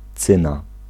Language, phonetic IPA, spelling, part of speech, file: Polish, [ˈt͡sɨ̃na], cyna, noun, Pl-cyna.ogg